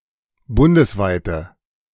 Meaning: inflection of bundesweit: 1. strong/mixed nominative/accusative feminine singular 2. strong nominative/accusative plural 3. weak nominative all-gender singular
- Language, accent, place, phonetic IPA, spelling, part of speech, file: German, Germany, Berlin, [ˈbʊndəsˌvaɪ̯tə], bundesweite, adjective, De-bundesweite.ogg